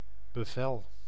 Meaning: order, command
- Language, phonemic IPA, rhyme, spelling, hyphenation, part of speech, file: Dutch, /bəˈvɛl/, -ɛl, bevel, be‧vel, noun, Nl-bevel.ogg